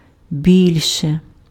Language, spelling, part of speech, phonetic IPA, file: Ukrainian, більше, adjective / adverb / determiner, [ˈbʲilʲʃe], Uk-більше.ogg
- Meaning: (adjective) nominative/accusative neuter singular of бі́льший (bílʹšyj); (adverb) comparative degree of бага́то (baháto): more; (determiner) more